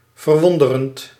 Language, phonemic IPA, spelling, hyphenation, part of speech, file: Dutch, /vərˈʋɔn.dərənt/, verwonderend, ver‧won‧de‧rend, verb, Nl-verwonderend.ogg
- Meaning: present participle of verwonderen